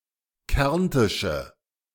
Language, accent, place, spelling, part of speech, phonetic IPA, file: German, Germany, Berlin, kärntische, adjective, [ˈkɛʁntɪʃə], De-kärntische.ogg
- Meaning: inflection of kärntisch: 1. strong/mixed nominative/accusative feminine singular 2. strong nominative/accusative plural 3. weak nominative all-gender singular